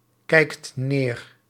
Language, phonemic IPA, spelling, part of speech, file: Dutch, /ˈkɛikt ˈner/, kijkt neer, verb, Nl-kijkt neer.ogg
- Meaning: inflection of neerkijken: 1. second/third-person singular present indicative 2. plural imperative